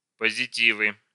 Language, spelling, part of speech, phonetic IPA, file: Russian, позитивы, noun, [pəzʲɪˈtʲivɨ], Ru-позитивы.ogg
- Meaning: nominative/accusative plural of позити́в (pozitív)